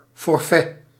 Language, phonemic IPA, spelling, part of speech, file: Dutch, /fɔrˈfɛ/, forfait, noun, Nl-forfait.ogg
- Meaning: 1. fixed amount, lumpsum 2. flat rate 3. a pre-determined tax amount 4. elimination due to withdrawal 5. crime